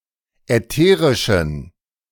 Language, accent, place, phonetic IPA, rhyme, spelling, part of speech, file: German, Germany, Berlin, [ɛˈteːʁɪʃn̩], -eːʁɪʃn̩, ätherischen, adjective, De-ätherischen.ogg
- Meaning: inflection of ätherisch: 1. strong genitive masculine/neuter singular 2. weak/mixed genitive/dative all-gender singular 3. strong/weak/mixed accusative masculine singular 4. strong dative plural